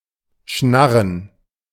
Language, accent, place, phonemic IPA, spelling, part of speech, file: German, Germany, Berlin, /ˈʃnarən/, schnarren, verb, De-schnarren.ogg
- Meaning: to utter a croaky sound, to snar, to snarl, to squawk